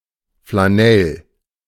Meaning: flannel (soft cloth material)
- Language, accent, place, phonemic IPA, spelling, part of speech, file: German, Germany, Berlin, /flaˈnɛl/, Flanell, noun, De-Flanell.ogg